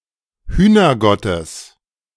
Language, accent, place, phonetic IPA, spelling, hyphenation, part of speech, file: German, Germany, Berlin, [ˈhyːnɐˌɡɔtəs], Hühnergottes, Hüh‧ner‧got‧tes, noun, De-Hühnergottes.ogg
- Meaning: genitive of Hühnergott